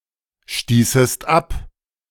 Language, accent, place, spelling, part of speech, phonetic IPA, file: German, Germany, Berlin, stießest ab, verb, [ˌʃtiːsəst ˈap], De-stießest ab.ogg
- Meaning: second-person singular subjunctive II of abstoßen